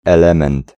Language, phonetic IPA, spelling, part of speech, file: Polish, [ɛˈlɛ̃mɛ̃nt], element, noun, Pl-element.ogg